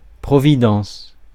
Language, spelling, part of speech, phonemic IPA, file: French, providence, noun, /pʁɔ.vi.dɑ̃s/, Fr-providence.ogg
- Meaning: providence